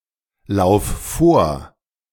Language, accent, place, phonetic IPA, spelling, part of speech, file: German, Germany, Berlin, [ˌlaʊ̯f ˈfoːɐ̯], lauf vor, verb, De-lauf vor.ogg
- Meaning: singular imperative of vorlaufen